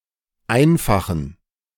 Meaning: inflection of einfach: 1. strong genitive masculine/neuter singular 2. weak/mixed genitive/dative all-gender singular 3. strong/weak/mixed accusative masculine singular 4. strong dative plural
- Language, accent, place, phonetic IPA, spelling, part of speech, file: German, Germany, Berlin, [ˈaɪ̯nfaxn̩], einfachen, adjective, De-einfachen.ogg